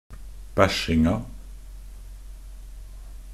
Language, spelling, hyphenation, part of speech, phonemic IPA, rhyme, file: Norwegian Bokmål, bæsjinga, bæsj‧ing‧a, noun, /ˈbæʃɪŋa/, -ɪŋa, Nb-bæsjinga.ogg
- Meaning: definite feminine singular of bæsjing